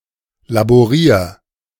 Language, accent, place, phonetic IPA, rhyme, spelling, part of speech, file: German, Germany, Berlin, [laboˈʁiːɐ̯], -iːɐ̯, laborier, verb, De-laborier.ogg
- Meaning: 1. singular imperative of laborieren 2. first-person singular present of laborieren